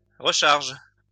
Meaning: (verb) inflection of recharger: 1. first/third-person singular present indicative/subjunctive 2. second-person singular imperative; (noun) refill
- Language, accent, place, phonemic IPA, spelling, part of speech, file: French, France, Lyon, /ʁə.ʃaʁʒ/, recharge, verb / noun, LL-Q150 (fra)-recharge.wav